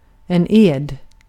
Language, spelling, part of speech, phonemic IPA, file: Swedish, ed, noun, /eːd/, Sv-ed.ogg
- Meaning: 1. an oath (solemn pledge) 2. an oath (curse, curse word) 3. An isthmus; a strip of land between two bodies of water 4. A portage; a route used for carrying boats between two waterways